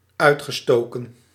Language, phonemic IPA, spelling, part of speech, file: Dutch, /ˈœy̯txəˌstoːkə(n)/, uitgestoken, verb, Nl-uitgestoken.ogg
- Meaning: past participle of uitsteken